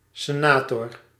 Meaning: senator
- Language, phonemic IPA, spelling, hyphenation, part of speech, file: Dutch, /seˈnatɔr/, senator, se‧na‧tor, noun, Nl-senator.ogg